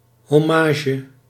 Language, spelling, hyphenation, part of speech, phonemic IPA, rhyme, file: Dutch, hommage, hom‧ma‧ge, noun, /ˌɦɔˈmaː.ʒə/, -aːʒə, Nl-hommage.ogg
- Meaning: homage, hommage